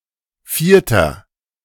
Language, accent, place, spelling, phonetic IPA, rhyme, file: German, Germany, Berlin, vierter, [ˈfiːɐ̯tɐ], -iːɐ̯tɐ, De-vierter.ogg
- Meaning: inflection of vierte: 1. strong/mixed nominative masculine singular 2. strong genitive/dative feminine singular 3. strong genitive plural